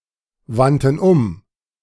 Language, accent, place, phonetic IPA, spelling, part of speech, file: German, Germany, Berlin, [ˌvantn̩ ˈʊm], wandten um, verb, De-wandten um.ogg
- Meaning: first/third-person plural preterite of umwenden